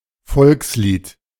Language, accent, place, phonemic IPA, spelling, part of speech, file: German, Germany, Berlin, /ˈfɔlksliːt/, Volkslied, noun, De-Volkslied.ogg
- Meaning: popular song; folk song; art song